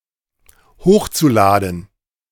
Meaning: zu-infinitive of hochladen
- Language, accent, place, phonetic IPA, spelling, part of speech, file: German, Germany, Berlin, [ˈhoːxt͡suˌlaːdn̩], hochzuladen, verb, De-hochzuladen.ogg